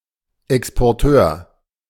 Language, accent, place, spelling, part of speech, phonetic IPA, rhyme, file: German, Germany, Berlin, Exporteur, noun, [ɛkspɔʁˈtøːɐ̯], -øːɐ̯, De-Exporteur.ogg
- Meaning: exporter (male of unspecified sex) (can also be an organization)